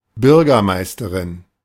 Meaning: mayor (female), mayoress (leader of a city)
- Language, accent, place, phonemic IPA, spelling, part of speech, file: German, Germany, Berlin, /ˈbʏʁɡɐˌmaɪ̯stɐʁɪn/, Bürgermeisterin, noun, De-Bürgermeisterin.ogg